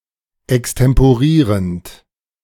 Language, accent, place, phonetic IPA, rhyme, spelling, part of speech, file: German, Germany, Berlin, [ɛkstɛmpoˈʁiːʁənt], -iːʁənt, extemporierend, verb, De-extemporierend.ogg
- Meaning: present participle of extemporieren